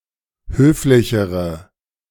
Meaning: inflection of höflich: 1. strong/mixed nominative/accusative feminine singular comparative degree 2. strong nominative/accusative plural comparative degree
- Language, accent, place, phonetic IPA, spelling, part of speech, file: German, Germany, Berlin, [ˈhøːflɪçəʁə], höflichere, adjective, De-höflichere.ogg